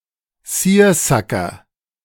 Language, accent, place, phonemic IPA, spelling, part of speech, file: German, Germany, Berlin, /ˈsiːɐ̯ˌsakɐ/, Seersucker, noun, De-Seersucker.ogg
- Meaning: seersucker